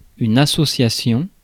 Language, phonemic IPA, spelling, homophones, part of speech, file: French, /a.sɔ.sja.sjɔ̃/, association, associations, noun, Fr-association.ogg
- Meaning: 1. association, society, group 2. partnership 3. association (of related terms, ideas etc.), combination 4. association